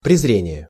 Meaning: 1. contempt, scorn, disdain 2. defiance
- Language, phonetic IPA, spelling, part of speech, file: Russian, [prʲɪzˈrʲenʲɪje], презрение, noun, Ru-презрение.ogg